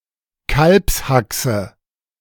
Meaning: knuckle of veal
- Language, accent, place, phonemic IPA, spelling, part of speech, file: German, Germany, Berlin, /ˈkalpsˌhaksə/, Kalbshaxe, noun, De-Kalbshaxe.ogg